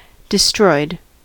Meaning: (verb) simple past and past participle of destroy; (adjective) Damaged beyond repair; ruined; wrecked; obliterated
- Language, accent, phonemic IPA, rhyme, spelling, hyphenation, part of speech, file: English, US, /dɪˈstɹɔɪd/, -ɔɪd, destroyed, de‧stroyed, verb / adjective, En-us-destroyed.ogg